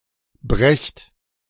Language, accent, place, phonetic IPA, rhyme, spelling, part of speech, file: German, Germany, Berlin, [bʁɛçt], -ɛçt, brecht, verb, De-brecht.ogg
- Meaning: inflection of brechen: 1. second-person plural present 2. plural imperative